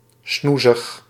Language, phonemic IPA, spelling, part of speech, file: Dutch, /ˈsnuzəx/, snoezig, adjective, Nl-snoezig.ogg
- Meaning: adorable, dinky, lovely